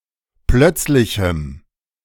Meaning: strong dative masculine/neuter singular of plötzlich
- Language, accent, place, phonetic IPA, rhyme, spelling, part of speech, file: German, Germany, Berlin, [ˈplœt͡slɪçm̩], -œt͡slɪçm̩, plötzlichem, adjective, De-plötzlichem.ogg